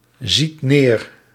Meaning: inflection of neerzien: 1. second/third-person singular present indicative 2. plural imperative
- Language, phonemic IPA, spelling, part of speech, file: Dutch, /ˈzit ˈner/, ziet neer, verb, Nl-ziet neer.ogg